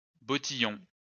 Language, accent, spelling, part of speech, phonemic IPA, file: French, France, bottillon, noun, /bɔ.ti.jɔ̃/, LL-Q150 (fra)-bottillon.wav
- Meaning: ankle boot